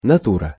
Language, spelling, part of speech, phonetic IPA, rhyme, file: Russian, натура, noun, [nɐˈturə], -urə, Ru-натура.ogg
- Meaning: 1. nature (the natural world) 2. nature, character (of a person) 3. body (of an organism) 4. reality 5. model (to draw/paint from), (living) subject